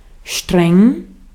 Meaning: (adjective) 1. strict, rigorous 2. severe, intense 3. pungent, strong and unpleasant; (adverb) strictly, very much
- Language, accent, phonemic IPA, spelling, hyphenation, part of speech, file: German, Austria, /ʃtʁɛŋ/, streng, streng, adjective / adverb, De-at-streng.ogg